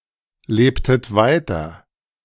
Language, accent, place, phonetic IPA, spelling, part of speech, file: German, Germany, Berlin, [ˌleːptət ˈvaɪ̯tɐ], lebtet weiter, verb, De-lebtet weiter.ogg
- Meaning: inflection of weiterleben: 1. second-person plural preterite 2. second-person plural subjunctive II